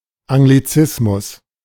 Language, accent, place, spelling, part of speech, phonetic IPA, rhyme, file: German, Germany, Berlin, Anglizismus, noun, [aŋɡliˈt͡sɪsmʊs], -ɪsmʊs, De-Anglizismus.ogg
- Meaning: anglicism